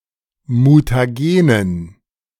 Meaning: dative plural of Mutagen
- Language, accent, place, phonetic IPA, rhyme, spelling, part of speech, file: German, Germany, Berlin, [mutaˈɡeːnən], -eːnən, Mutagenen, noun, De-Mutagenen.ogg